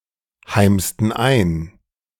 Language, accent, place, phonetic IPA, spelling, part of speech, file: German, Germany, Berlin, [ˌhaɪ̯mstn̩ ˈaɪ̯n], heimsten ein, verb, De-heimsten ein.ogg
- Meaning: inflection of einheimsen: 1. first/third-person plural preterite 2. first/third-person plural subjunctive II